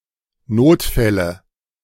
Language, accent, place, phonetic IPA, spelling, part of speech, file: German, Germany, Berlin, [ˈnoːtˌfɛlə], Notfälle, noun, De-Notfälle.ogg
- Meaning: nominative/accusative/genitive plural of Notfall